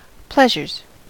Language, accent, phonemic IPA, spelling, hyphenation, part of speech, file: English, US, /ˈplɛʒɚz/, pleasures, pleas‧ures, noun / verb, En-us-pleasures.ogg
- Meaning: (noun) plural of pleasure; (verb) third-person singular simple present indicative of pleasure